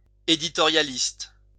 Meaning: editorialist
- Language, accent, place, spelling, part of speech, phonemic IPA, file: French, France, Lyon, éditorialiste, noun, /e.di.tɔ.ʁja.list/, LL-Q150 (fra)-éditorialiste.wav